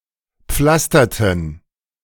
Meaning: inflection of pflastern: 1. first/third-person plural preterite 2. first/third-person plural subjunctive II
- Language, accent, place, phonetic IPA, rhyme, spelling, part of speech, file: German, Germany, Berlin, [ˈp͡flastɐtn̩], -astɐtn̩, pflasterten, verb, De-pflasterten.ogg